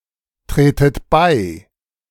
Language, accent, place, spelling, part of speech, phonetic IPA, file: German, Germany, Berlin, tretet bei, verb, [ˌtʁeːtət ˈbaɪ̯], De-tretet bei.ogg
- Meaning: inflection of beitreten: 1. second-person plural present 2. second-person plural subjunctive I 3. plural imperative